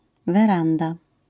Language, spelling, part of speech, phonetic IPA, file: Polish, weranda, noun, [vɛˈrãnda], LL-Q809 (pol)-weranda.wav